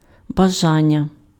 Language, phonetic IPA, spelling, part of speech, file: Ukrainian, [bɐˈʒanʲːɐ], бажання, noun, Uk-бажання.ogg
- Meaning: desire, wish